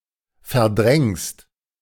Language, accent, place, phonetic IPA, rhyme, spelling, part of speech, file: German, Germany, Berlin, [fɛɐ̯ˈdʁɛŋst], -ɛŋst, verdrängst, verb, De-verdrängst.ogg
- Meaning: second-person singular present of verdrängen